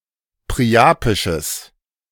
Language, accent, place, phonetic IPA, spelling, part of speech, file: German, Germany, Berlin, [pʁiˈʔaːpɪʃəs], priapisches, adjective, De-priapisches.ogg
- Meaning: strong/mixed nominative/accusative neuter singular of priapisch